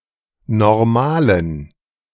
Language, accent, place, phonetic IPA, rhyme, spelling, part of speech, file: German, Germany, Berlin, [nɔʁˈmaːlən], -aːlən, Normalen, noun, De-Normalen.ogg
- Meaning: dative plural of Normal